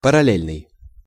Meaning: parallel
- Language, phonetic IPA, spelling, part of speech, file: Russian, [pərɐˈlʲelʲnɨj], параллельный, adjective, Ru-параллельный.ogg